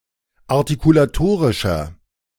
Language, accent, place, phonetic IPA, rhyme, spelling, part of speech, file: German, Germany, Berlin, [aʁtikulaˈtoːʁɪʃɐ], -oːʁɪʃɐ, artikulatorischer, adjective, De-artikulatorischer.ogg
- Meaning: inflection of artikulatorisch: 1. strong/mixed nominative masculine singular 2. strong genitive/dative feminine singular 3. strong genitive plural